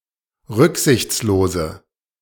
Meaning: inflection of rücksichtslos: 1. strong/mixed nominative/accusative feminine singular 2. strong nominative/accusative plural 3. weak nominative all-gender singular
- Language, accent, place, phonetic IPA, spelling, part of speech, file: German, Germany, Berlin, [ˈʁʏkzɪçt͡sloːzə], rücksichtslose, adjective, De-rücksichtslose.ogg